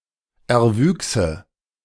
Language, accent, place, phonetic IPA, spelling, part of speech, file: German, Germany, Berlin, [ɛɐ̯ˈvyːksə], erwüchse, verb, De-erwüchse.ogg
- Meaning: first/third-person singular subjunctive II of erwachsen